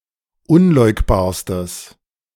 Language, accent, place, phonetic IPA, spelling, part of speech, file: German, Germany, Berlin, [ˈʊnˌlɔɪ̯kbaːɐ̯stəs], unleugbarstes, adjective, De-unleugbarstes.ogg
- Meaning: strong/mixed nominative/accusative neuter singular superlative degree of unleugbar